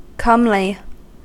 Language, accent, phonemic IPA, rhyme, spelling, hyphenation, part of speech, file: English, General American, /ˈkʌmli/, -ʌmli, comely, come‧ly, adjective / verb / adverb, En-us-comely.ogg
- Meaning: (adjective) Attractive; visually pleasing; good-looking.: Of a person: attractive or pleasing to look at; beautiful, handsome; also, attractive but not particularly beautiful or handsome